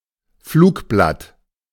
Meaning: flyer, leaflet
- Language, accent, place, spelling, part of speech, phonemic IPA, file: German, Germany, Berlin, Flugblatt, noun, /ˈfluːkˌblat/, De-Flugblatt.ogg